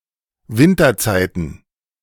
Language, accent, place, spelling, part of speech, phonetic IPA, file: German, Germany, Berlin, Winterzeiten, noun, [ˈvɪntɐˌt͡saɪ̯tn̩], De-Winterzeiten.ogg
- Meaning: plural of Winterzeit